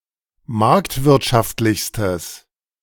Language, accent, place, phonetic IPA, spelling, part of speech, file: German, Germany, Berlin, [ˈmaʁktvɪʁtʃaftlɪçstəs], marktwirtschaftlichstes, adjective, De-marktwirtschaftlichstes.ogg
- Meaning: strong/mixed nominative/accusative neuter singular superlative degree of marktwirtschaftlich